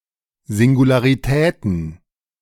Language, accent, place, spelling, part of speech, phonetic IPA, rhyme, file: German, Germany, Berlin, Singularitäten, noun, [ˌzɪŋɡulaʁiˈtɛːtn̩], -ɛːtn̩, De-Singularitäten.ogg
- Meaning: plural of Singularität